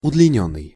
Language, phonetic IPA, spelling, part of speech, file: Russian, [ʊdlʲɪˈnʲɵnːɨj], удлинённый, verb / adjective, Ru-удлинённый.ogg
- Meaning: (verb) past passive perfective participle of удлини́ть (udlinítʹ); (adjective) elongated, lengthened